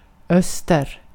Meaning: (noun) east; one of the four major compass points; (adverb) east; eastward
- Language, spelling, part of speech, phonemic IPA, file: Swedish, öster, noun / adverb, /ˈœsːtɛr/, Sv-öster.ogg